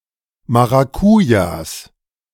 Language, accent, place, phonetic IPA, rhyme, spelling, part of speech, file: German, Germany, Berlin, [ˌmaʁaˈkuːjas], -uːjas, Maracujas, noun, De-Maracujas.ogg
- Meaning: plural of Maracuja